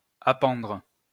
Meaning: to hang (something) from
- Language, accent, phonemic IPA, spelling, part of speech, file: French, France, /a.pɑ̃dʁ/, appendre, verb, LL-Q150 (fra)-appendre.wav